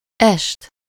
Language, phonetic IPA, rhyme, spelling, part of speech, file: Hungarian, [ˈɛʃt], -ɛʃt, est, noun, Hu-est.ogg
- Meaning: 1. evening, eve 2. recital, show in the evening (compare French soirée (“evening activity, party”, literally “evening”))